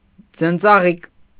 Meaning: snowdrop
- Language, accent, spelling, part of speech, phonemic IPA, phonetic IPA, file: Armenian, Eastern Armenian, ձնծաղիկ, noun, /d͡zənt͡sɑˈʁik/, [d͡zənt͡sɑʁík], Hy-ձնծաղիկ.ogg